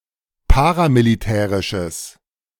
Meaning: strong/mixed nominative/accusative neuter singular of paramilitärisch
- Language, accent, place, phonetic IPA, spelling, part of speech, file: German, Germany, Berlin, [ˈpaːʁamiliˌtɛːʁɪʃəs], paramilitärisches, adjective, De-paramilitärisches.ogg